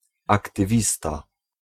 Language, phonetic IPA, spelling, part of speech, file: Polish, [ˌaktɨˈvʲista], aktywista, noun, Pl-aktywista.ogg